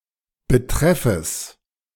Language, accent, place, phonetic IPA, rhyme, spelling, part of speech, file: German, Germany, Berlin, [bəˈtʁɛfəs], -ɛfəs, Betreffes, noun, De-Betreffes.ogg
- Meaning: genitive singular of Betreff